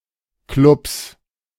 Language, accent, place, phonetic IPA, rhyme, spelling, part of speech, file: German, Germany, Berlin, [klʊps], -ʊps, Klubs, noun, De-Klubs.ogg
- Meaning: 1. genitive singular of Klub 2. plural of Klub